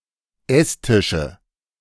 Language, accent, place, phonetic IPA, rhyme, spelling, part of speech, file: German, Germany, Berlin, [ˈɛsˌtɪʃə], -ɛstɪʃə, Esstische, noun, De-Esstische.ogg
- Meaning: nominative/accusative/genitive plural of Esstisch